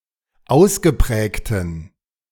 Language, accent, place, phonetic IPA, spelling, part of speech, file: German, Germany, Berlin, [ˈaʊ̯sɡəˌpʁɛːktn̩], ausgeprägten, adjective, De-ausgeprägten.ogg
- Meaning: inflection of ausgeprägt: 1. strong genitive masculine/neuter singular 2. weak/mixed genitive/dative all-gender singular 3. strong/weak/mixed accusative masculine singular 4. strong dative plural